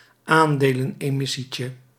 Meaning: diminutive of aandelenemissie
- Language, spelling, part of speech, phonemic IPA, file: Dutch, aandelenemissietje, noun, /ˈandelə(n)ɛˌmɪsicə/, Nl-aandelenemissietje.ogg